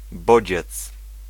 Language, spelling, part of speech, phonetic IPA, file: Polish, bodziec, noun, [ˈbɔd͡ʑɛt͡s], Pl-bodziec.ogg